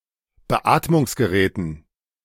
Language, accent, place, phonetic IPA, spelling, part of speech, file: German, Germany, Berlin, [bəˈʔaːtmʊŋsɡəˌʁɛːtn̩], Beatmungsgeräten, noun, De-Beatmungsgeräten.ogg
- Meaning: dative plural of Beatmungsgerät